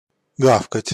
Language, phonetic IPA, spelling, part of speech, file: Russian, [ˈɡafkətʲ], гавкать, verb, Ru-гавкать.ogg
- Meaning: to bark (to make a loud noise (dogs))